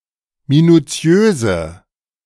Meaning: inflection of minuziös: 1. strong/mixed nominative/accusative feminine singular 2. strong nominative/accusative plural 3. weak nominative all-gender singular
- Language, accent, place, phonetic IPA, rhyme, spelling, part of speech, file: German, Germany, Berlin, [minuˈt͡si̯øːzə], -øːzə, minuziöse, adjective, De-minuziöse.ogg